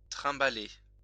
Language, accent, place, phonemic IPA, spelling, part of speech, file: French, France, Lyon, /tʁɛ̃.ba.le/, trimballer, verb, LL-Q150 (fra)-trimballer.wav
- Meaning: alternative spelling of trimbaler